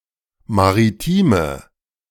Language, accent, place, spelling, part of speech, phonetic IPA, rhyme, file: German, Germany, Berlin, maritime, adjective, [maʁiˈtiːmə], -iːmə, De-maritime.ogg
- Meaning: inflection of maritim: 1. strong/mixed nominative/accusative feminine singular 2. strong nominative/accusative plural 3. weak nominative all-gender singular 4. weak accusative feminine/neuter singular